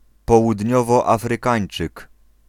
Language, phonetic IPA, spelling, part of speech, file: Polish, [ˌpɔwudʲˈɲɔvɔˌafrɨˈkãj̃n͇t͡ʃɨk], Południowoafrykańczyk, noun, Pl-Południowoafrykańczyk.ogg